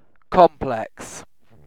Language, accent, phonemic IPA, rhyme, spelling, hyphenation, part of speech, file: English, Received Pronunciation, /ˈkɒmplɛks/, -ɛks, complex, com‧plex, adjective / noun, En-uk-complex.ogg
- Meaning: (adjective) 1. Made up of multiple parts; composite; not simple 2. Not simple, easy, or straightforward; complicated